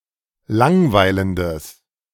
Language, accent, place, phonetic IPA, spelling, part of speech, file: German, Germany, Berlin, [ˈlaŋˌvaɪ̯ləndəs], langweilendes, adjective, De-langweilendes.ogg
- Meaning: strong/mixed nominative/accusative neuter singular of langweilend